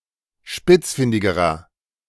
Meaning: inflection of spitzfindig: 1. strong/mixed nominative masculine singular comparative degree 2. strong genitive/dative feminine singular comparative degree 3. strong genitive plural comparative degree
- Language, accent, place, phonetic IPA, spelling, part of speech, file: German, Germany, Berlin, [ˈʃpɪt͡sˌfɪndɪɡəʁɐ], spitzfindigerer, adjective, De-spitzfindigerer.ogg